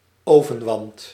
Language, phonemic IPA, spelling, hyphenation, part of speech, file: Dutch, /ˈoːvə(n)ʋɑnt/, ovenwant, oven‧want, noun, Nl-ovenwant.ogg
- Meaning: oven glove, oven mitt, pot holder